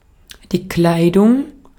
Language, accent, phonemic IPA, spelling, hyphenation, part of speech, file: German, Austria, /ˈklaɪ̯dʊŋ/, Kleidung, Klei‧dung, noun, De-at-Kleidung.ogg
- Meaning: 1. clothing; apparel 2. clothes